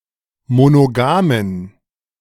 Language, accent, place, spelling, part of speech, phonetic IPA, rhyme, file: German, Germany, Berlin, monogamen, adjective, [monoˈɡaːmən], -aːmən, De-monogamen.ogg
- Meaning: inflection of monogam: 1. strong genitive masculine/neuter singular 2. weak/mixed genitive/dative all-gender singular 3. strong/weak/mixed accusative masculine singular 4. strong dative plural